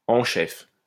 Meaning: in chief, general
- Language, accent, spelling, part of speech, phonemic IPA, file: French, France, en chef, adjective, /ɑ̃ ʃɛf/, LL-Q150 (fra)-en chef.wav